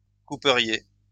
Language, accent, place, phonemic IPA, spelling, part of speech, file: French, France, Lyon, /ku.pə.ʁje/, couperiez, verb, LL-Q150 (fra)-couperiez.wav
- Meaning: second-person plural conditional of couper